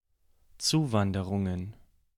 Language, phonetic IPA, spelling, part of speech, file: German, [ˈt͡suːˌvandəʁʊŋən], Zuwanderungen, noun, De-Zuwanderungen.ogg
- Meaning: plural of Zuwanderung